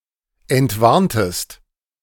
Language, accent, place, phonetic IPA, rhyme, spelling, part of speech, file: German, Germany, Berlin, [ɛntˈvaʁntəst], -aʁntəst, entwarntest, verb, De-entwarntest.ogg
- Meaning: inflection of entwarnen: 1. second-person singular preterite 2. second-person singular subjunctive II